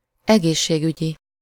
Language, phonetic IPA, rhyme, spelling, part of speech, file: Hungarian, [ˈɛɡeːʃːeːɡyɟi], -ɟi, egészségügyi, adjective, Hu-egészségügyi.ogg
- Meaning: 1. health, medical (of or relating to health care) 2. hygienic, sanitary (of or relating to hygiene)